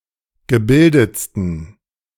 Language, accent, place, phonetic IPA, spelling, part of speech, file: German, Germany, Berlin, [ɡəˈbɪldət͡stn̩], gebildetsten, adjective, De-gebildetsten.ogg
- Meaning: 1. superlative degree of gebildet 2. inflection of gebildet: strong genitive masculine/neuter singular superlative degree